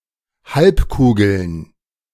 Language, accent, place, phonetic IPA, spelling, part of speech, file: German, Germany, Berlin, [ˈhalpˌkuːɡl̩n], Halbkugeln, noun, De-Halbkugeln.ogg
- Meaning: plural of Halbkugel